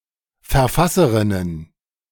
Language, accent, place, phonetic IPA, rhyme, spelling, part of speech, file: German, Germany, Berlin, [fɛɐ̯ˈfasəʁɪnən], -asəʁɪnən, Verfasserinnen, noun, De-Verfasserinnen.ogg
- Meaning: plural of Verfasserin